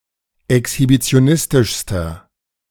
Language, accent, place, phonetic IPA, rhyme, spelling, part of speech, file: German, Germany, Berlin, [ɛkshibit͡si̯oˈnɪstɪʃstɐ], -ɪstɪʃstɐ, exhibitionistischster, adjective, De-exhibitionistischster.ogg
- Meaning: inflection of exhibitionistisch: 1. strong/mixed nominative masculine singular superlative degree 2. strong genitive/dative feminine singular superlative degree